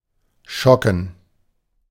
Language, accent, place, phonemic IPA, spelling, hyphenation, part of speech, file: German, Germany, Berlin, /ˈʃɔkn̩/, schocken, scho‧cken, verb, De-schocken.ogg
- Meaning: 1. to shock 2. to shock, to give an electric shock 3. to rock (to thrill, to be very favorable)